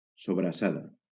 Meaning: sobrassada (a type of sausage from the Balearic Islands)
- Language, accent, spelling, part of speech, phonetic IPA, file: Catalan, Valencia, sobrassada, noun, [so.bɾaˈsa.ða], LL-Q7026 (cat)-sobrassada.wav